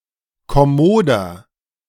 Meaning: 1. comparative degree of kommod 2. inflection of kommod: strong/mixed nominative masculine singular 3. inflection of kommod: strong genitive/dative feminine singular
- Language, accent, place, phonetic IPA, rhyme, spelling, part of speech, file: German, Germany, Berlin, [kɔˈmoːdɐ], -oːdɐ, kommoder, adjective, De-kommoder.ogg